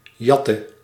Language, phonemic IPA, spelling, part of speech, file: Dutch, /ˈjɑtə/, jatte, verb, Nl-jatte.ogg
- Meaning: inflection of jatten: 1. singular past indicative 2. singular past/present subjunctive